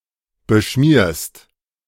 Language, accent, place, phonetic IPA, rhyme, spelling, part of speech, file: German, Germany, Berlin, [bəˈʃmiːɐ̯st], -iːɐ̯st, beschmierst, verb, De-beschmierst.ogg
- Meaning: second-person singular present of beschmieren